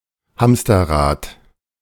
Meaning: hamster wheel (circular cage for a small rodent, which rotates vertically as the animal runs at the bottom)
- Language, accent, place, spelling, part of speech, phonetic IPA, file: German, Germany, Berlin, Hamsterrad, noun, [ˈhamstɐˌʁaːt], De-Hamsterrad.ogg